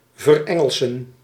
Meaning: 1. to anglicise, to become English 2. to anglicise, to make English
- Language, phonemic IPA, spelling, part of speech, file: Dutch, /vərˈɛ.ŋəl.sə(n)/, verengelsen, verb, Nl-verengelsen.ogg